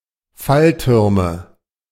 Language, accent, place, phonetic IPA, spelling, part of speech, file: German, Germany, Berlin, [ˈfalˌtʏʁmə], Falltürme, noun, De-Falltürme.ogg
- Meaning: nominative/accusative/genitive plural of Fallturm